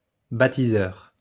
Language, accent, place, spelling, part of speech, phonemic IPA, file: French, France, Lyon, baptiseur, noun, /ba.ti.zœʁ/, LL-Q150 (fra)-baptiseur.wav
- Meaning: baptizer